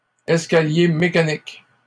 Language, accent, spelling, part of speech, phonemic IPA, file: French, Canada, escaliers mécaniques, noun, /ɛs.ka.lje me.ka.nik/, LL-Q150 (fra)-escaliers mécaniques.wav
- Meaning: plural of escalier mécanique